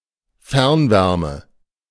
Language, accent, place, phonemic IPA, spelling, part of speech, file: German, Germany, Berlin, /ˈfɛʁnˌvɛʁmə/, Fernwärme, noun, De-Fernwärme.ogg
- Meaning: district heating, teleheating